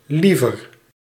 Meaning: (adjective) 1. comparative degree of lief 2. inflection of lief: feminine genitive singular 3. inflection of lief: genitive plural; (adverb) 1. comparative degree of graag 2. rather, preferably
- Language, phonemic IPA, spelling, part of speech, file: Dutch, /ˈlivər/, liever, adverb / adjective, Nl-liever.ogg